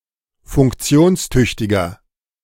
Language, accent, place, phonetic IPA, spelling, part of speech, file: German, Germany, Berlin, [fʊŋkˈt͡si̯oːnsˌtʏçtɪɡɐ], funktionstüchtiger, adjective, De-funktionstüchtiger.ogg
- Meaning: 1. comparative degree of funktionstüchtig 2. inflection of funktionstüchtig: strong/mixed nominative masculine singular 3. inflection of funktionstüchtig: strong genitive/dative feminine singular